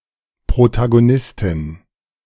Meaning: protagonist (female)
- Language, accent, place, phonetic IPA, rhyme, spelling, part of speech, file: German, Germany, Berlin, [pʁotaɡoˈnɪstɪn], -ɪstɪn, Protagonistin, noun, De-Protagonistin.ogg